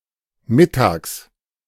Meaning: at midday
- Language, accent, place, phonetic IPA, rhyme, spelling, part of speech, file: German, Germany, Berlin, [ˈmɪtaːks], -ɪtaːks, mittags, adverb, De-mittags.ogg